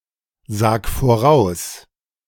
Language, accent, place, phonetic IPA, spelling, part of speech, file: German, Germany, Berlin, [ˌzaːk foˈʁaʊ̯s], sag voraus, verb, De-sag voraus.ogg
- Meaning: 1. singular imperative of voraussagen 2. first-person singular present of voraussagen